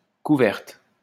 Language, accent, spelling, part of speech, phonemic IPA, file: French, France, couverte, verb / noun, /ku.vɛʁt/, LL-Q150 (fra)-couverte.wav
- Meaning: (verb) feminine singular of couvert; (noun) covering, covert